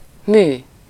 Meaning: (adjective) artificial; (noun) 1. work, creation, product, accomplishment (the result of some purposeful activity) 2. opus, work, artwork (a work of art by a particular artist or craftsman)
- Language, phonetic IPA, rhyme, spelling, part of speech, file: Hungarian, [ˈmyː], -myː, mű, adjective / noun, Hu-mű.ogg